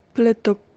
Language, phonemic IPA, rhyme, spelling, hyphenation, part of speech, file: Javanese, /bləd̪ɔɡ/, -ɔɡ, bledug, ble‧dug, noun, Jv-bledug.ogg
- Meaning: 1. dust, especially in the air 2. baby elephant 3. earnings apart from salary (tips, commission, etc.) 4. misspelling of bledhug